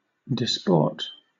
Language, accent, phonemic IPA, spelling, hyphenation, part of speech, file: English, Southern England, /dɪˈspɔːt/, disport, dis‧port, verb / noun, LL-Q1860 (eng)-disport.wav
- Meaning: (verb) To amuse oneself divertingly or playfully; in particular, to cavort or gambol; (noun) Anything which diverts one from serious matters; a game, a pastime, a sport